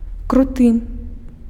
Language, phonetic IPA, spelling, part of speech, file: Belarusian, [kruˈtɨ], круты, adjective, Be-круты.ogg
- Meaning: steep